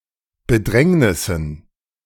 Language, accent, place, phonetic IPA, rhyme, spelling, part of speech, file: German, Germany, Berlin, [bəˈdʁɛŋnɪsn̩], -ɛŋnɪsn̩, Bedrängnissen, noun, De-Bedrängnissen.ogg
- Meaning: dative plural of Bedrängnis